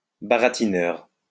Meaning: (adjective) smooth-talking, fast-talking; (noun) sweet-talker, smooth talker, silver-tongued devil
- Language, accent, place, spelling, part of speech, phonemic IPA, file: French, France, Lyon, baratineur, adjective / noun, /ba.ʁa.ti.nœʁ/, LL-Q150 (fra)-baratineur.wav